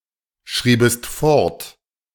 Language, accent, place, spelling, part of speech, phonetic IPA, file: German, Germany, Berlin, schriebest fort, verb, [ˌʃʁiːbəst ˈfɔʁt], De-schriebest fort.ogg
- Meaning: second-person singular subjunctive II of fortschreiben